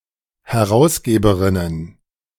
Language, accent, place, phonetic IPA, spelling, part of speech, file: German, Germany, Berlin, [hɛˈʁaʊ̯sˌɡeːbəʁɪnən], Herausgeberinnen, noun, De-Herausgeberinnen.ogg
- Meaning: plural of Herausgeberin